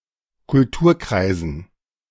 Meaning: dative plural of Kulturkreis
- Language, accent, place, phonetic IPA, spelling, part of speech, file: German, Germany, Berlin, [kʊlˈtuːɐ̯ˌkʁaɪ̯zn̩], Kulturkreisen, noun, De-Kulturkreisen.ogg